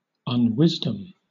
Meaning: 1. Lack of wisdom; unwise action or conduct; folly, foolishness 2. An instance of a lack of wisdom; a foolish act 3. A foolish or unwise being or force
- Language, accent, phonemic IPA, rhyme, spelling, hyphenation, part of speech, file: English, Southern England, /(ˌ)ʌnˈwɪzdəm/, -ɪzdəm, unwisdom, un‧wis‧dom, noun, LL-Q1860 (eng)-unwisdom.wav